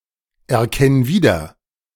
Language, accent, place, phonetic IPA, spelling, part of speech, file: German, Germany, Berlin, [ɛɐ̯ˌkɛn ˈviːdɐ], erkenn wieder, verb, De-erkenn wieder.ogg
- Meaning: singular imperative of wiedererkennen